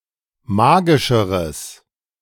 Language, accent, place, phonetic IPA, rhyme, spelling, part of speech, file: German, Germany, Berlin, [ˈmaːɡɪʃəʁəs], -aːɡɪʃəʁəs, magischeres, adjective, De-magischeres.ogg
- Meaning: strong/mixed nominative/accusative neuter singular comparative degree of magisch